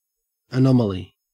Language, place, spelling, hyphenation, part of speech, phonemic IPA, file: English, Queensland, anomaly, anom‧aly, noun, /əˈnɔm.ə.li/, En-au-anomaly.ogg
- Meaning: 1. A deviation from a rule or from what is regarded as normal; an outlier 2. Something or someone that is strange or unusual